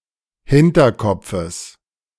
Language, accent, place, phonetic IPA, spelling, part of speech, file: German, Germany, Berlin, [ˈhɪntɐˌkɔp͡fəs], Hinterkopfes, noun, De-Hinterkopfes.ogg
- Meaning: genitive singular of Hinterkopf